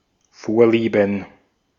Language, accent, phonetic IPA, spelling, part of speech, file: German, Austria, [ˈfoːɐ̯liːbən], Vorlieben, noun, De-at-Vorlieben.ogg
- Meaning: plural of Vorliebe